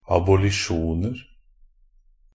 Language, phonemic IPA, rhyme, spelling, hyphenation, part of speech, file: Norwegian Bokmål, /abʊlɪˈʃuːnər/, -ər, abolisjoner, ab‧o‧li‧sjon‧er, noun, NB - Pronunciation of Norwegian Bokmål «abolisjoner».ogg
- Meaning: indefinite plural of abolisjon